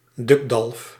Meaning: 1. dolphin, post for mooring boats 2. any cruel tyrant, in particular the Duke of Alba
- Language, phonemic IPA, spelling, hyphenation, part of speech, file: Dutch, /ˈdʏk.dɑlf/, dukdalf, duk‧dalf, noun, Nl-dukdalf.ogg